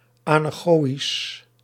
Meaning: anechoic
- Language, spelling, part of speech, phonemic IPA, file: Dutch, anechoïsch, adjective, /aːnˈɛxoːis/, Nl-anechoïsch.ogg